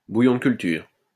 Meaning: growth medium, culture medium
- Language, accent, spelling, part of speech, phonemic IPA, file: French, France, bouillon de culture, noun, /bu.jɔ̃ d(ə) kyl.tyʁ/, LL-Q150 (fra)-bouillon de culture.wav